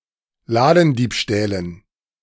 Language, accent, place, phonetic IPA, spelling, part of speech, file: German, Germany, Berlin, [ˈlaːdn̩ˌdiːpʃtɛːlən], Ladendiebstählen, noun, De-Ladendiebstählen.ogg
- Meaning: dative plural of Ladendiebstahl